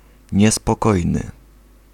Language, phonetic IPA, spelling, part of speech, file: Polish, [ˌɲɛspɔˈkɔjnɨ], niespokojny, adjective, Pl-niespokojny.ogg